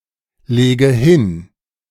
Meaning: inflection of hinlegen: 1. first-person singular present 2. first/third-person singular subjunctive I 3. singular imperative
- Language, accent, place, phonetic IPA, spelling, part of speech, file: German, Germany, Berlin, [ˌleːɡə ˈhɪn], lege hin, verb, De-lege hin.ogg